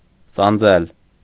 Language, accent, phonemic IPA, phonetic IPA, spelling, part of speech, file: Armenian, Eastern Armenian, /sɑnˈd͡zel/, [sɑnd͡zél], սանձել, verb, Hy-սանձել.ogg
- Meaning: 1. to bridle 2. to restrain